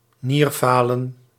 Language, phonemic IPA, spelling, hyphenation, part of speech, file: Dutch, /ˈniːrˌfaː.lə(n)/, nierfalen, nier‧fa‧len, noun, Nl-nierfalen.ogg
- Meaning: kidney failure